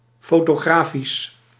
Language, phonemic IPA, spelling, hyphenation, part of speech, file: Dutch, /ˌfoː.toːˈɣraː.fis/, fotografisch, fo‧to‧gra‧fisch, adjective, Nl-fotografisch.ogg
- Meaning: photographic